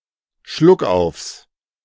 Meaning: plural of Schluckauf
- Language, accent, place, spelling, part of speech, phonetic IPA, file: German, Germany, Berlin, Schluckaufs, noun, [ˈʃlʊkˌʔaʊ̯fs], De-Schluckaufs.ogg